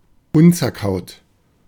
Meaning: not to be chewed (especially as a medication)
- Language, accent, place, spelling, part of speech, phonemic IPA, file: German, Germany, Berlin, unzerkaut, adjective, /ˈʊnt͡sɛɐ̯ˌkaʊ̯t/, De-unzerkaut.ogg